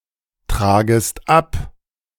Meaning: second-person singular subjunctive I of abtragen
- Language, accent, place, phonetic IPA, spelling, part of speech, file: German, Germany, Berlin, [ˌtʁaːɡəst ˈap], tragest ab, verb, De-tragest ab.ogg